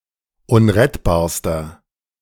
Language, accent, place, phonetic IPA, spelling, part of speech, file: German, Germany, Berlin, [ˈʊnʁɛtbaːɐ̯stɐ], unrettbarster, adjective, De-unrettbarster.ogg
- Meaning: inflection of unrettbar: 1. strong/mixed nominative masculine singular superlative degree 2. strong genitive/dative feminine singular superlative degree 3. strong genitive plural superlative degree